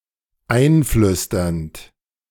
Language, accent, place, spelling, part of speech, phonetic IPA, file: German, Germany, Berlin, einflüsternd, verb, [ˈaɪ̯nˌflʏstɐnt], De-einflüsternd.ogg
- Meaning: present participle of einflüstern